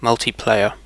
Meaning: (adjective) Requiring or allowing multiple (or more than the usual two) players to play simultaneously; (noun) The feature of a video game where multiple human players play simultaneously
- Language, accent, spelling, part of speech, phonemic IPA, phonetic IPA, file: English, UK, multiplayer, adjective / noun, /ˌmʌl.tiˈpleɪ.əɹ/, [ˌmɐɫtiˈpl̥eɪ̯ə], En-uk-multiplayer.ogg